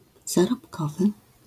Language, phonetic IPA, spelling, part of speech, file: Polish, [ˌzarɔpˈkɔvɨ], zarobkowy, adjective, LL-Q809 (pol)-zarobkowy.wav